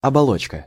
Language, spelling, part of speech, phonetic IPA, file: Russian, оболочка, noun, [ɐbɐˈɫot͡ɕkə], Ru-оболочка.ogg
- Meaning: 1. cover, envelope, shell 2. capsule, outward form 3. membrane 4. jacket, casing 5. shell (environment)